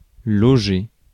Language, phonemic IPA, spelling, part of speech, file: French, /lɔ.ʒe/, loger, verb, Fr-loger.ogg
- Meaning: 1. to lodge, to stay, to be lodging (to temporarily inhabit) 2. to find (someone) a place to stay 3. to fit into